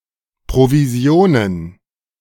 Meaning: plural of Provision
- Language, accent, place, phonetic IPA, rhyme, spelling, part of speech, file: German, Germany, Berlin, [ˌpʁoviˈzi̯oːnən], -oːnən, Provisionen, noun, De-Provisionen.ogg